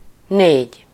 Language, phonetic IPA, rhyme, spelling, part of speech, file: Hungarian, [ˈneːɟ], -eːɟ, négy, numeral, Hu-négy.ogg
- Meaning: four